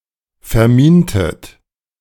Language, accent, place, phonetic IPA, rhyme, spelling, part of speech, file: German, Germany, Berlin, [fɛɐ̯ˈmiːntət], -iːntət, vermintet, verb, De-vermintet.ogg
- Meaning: inflection of verminen: 1. second-person plural preterite 2. second-person plural subjunctive II